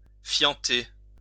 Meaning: to defecate, shit
- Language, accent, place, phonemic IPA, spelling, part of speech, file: French, France, Lyon, /fjɑ̃.te/, fienter, verb, LL-Q150 (fra)-fienter.wav